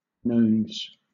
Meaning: The notional first-quarter day of a Roman month, occurring on the 7th day of the four original 31-day months (March, May, Quintilis or July, and October) and on the 5th day of all other months
- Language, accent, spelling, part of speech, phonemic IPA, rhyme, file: English, Southern England, nones, noun, /nəʊnz/, -əʊnz, LL-Q1860 (eng)-nones.wav